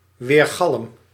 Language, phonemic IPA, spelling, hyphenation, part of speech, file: Dutch, /ˈʋeːr.ɣɑlm/, weergalm, weer‧galm, noun / verb, Nl-weergalm.ogg
- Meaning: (noun) echo; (verb) inflection of weergalmen: 1. first-person singular present indicative 2. second-person singular present indicative 3. imperative